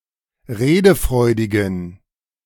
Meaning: inflection of redefreudig: 1. strong genitive masculine/neuter singular 2. weak/mixed genitive/dative all-gender singular 3. strong/weak/mixed accusative masculine singular 4. strong dative plural
- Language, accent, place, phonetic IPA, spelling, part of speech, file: German, Germany, Berlin, [ˈʁeːdəˌfʁɔɪ̯dɪɡn̩], redefreudigen, adjective, De-redefreudigen.ogg